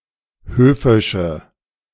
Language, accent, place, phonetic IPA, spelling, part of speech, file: German, Germany, Berlin, [ˈhøːfɪʃə], höfische, adjective, De-höfische.ogg
- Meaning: inflection of höfisch: 1. strong/mixed nominative/accusative feminine singular 2. strong nominative/accusative plural 3. weak nominative all-gender singular 4. weak accusative feminine/neuter singular